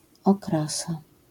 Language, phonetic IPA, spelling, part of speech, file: Polish, [ɔˈkrasa], okrasa, noun, LL-Q809 (pol)-okrasa.wav